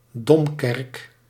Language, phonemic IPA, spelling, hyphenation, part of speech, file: Dutch, /ˈdɔm.kɛrk/, domkerk, dom‧kerk, noun, Nl-domkerk.ogg
- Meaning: cathedral